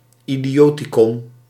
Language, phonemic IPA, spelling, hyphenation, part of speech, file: Dutch, /i.diˈoː.tiˌkɔn/, idioticon, idi‧o‧ti‧con, noun, Nl-idioticon.ogg
- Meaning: idioticon (dictionary of a certain lect, especially of the terms particular to that lect)